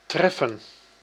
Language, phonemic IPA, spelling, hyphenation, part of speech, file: Dutch, /ˈtrɛfə(n)/, treffen, tref‧fen, verb / noun, Nl-treffen.ogg
- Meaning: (verb) 1. to hit, strike 2. to find (by chance), hit upon, to encounter 3. to be opportune 4. to meet with; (noun) 1. encounter 2. meeting